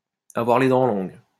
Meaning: to aim high, to set one's sights high, to be ruthlessly ambitious, to be fiercely competitive
- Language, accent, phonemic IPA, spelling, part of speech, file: French, France, /a.vwaʁ le dɑ̃ lɔ̃ɡ/, avoir les dents longues, verb, LL-Q150 (fra)-avoir les dents longues.wav